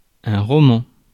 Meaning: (adjective) 1. Romance 2. romanesque; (noun) 1. a novel (work of fiction) 2. a very long text. (see pavé)
- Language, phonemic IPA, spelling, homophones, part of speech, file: French, /ʁɔ.mɑ̃/, roman, romans, adjective / noun, Fr-roman.ogg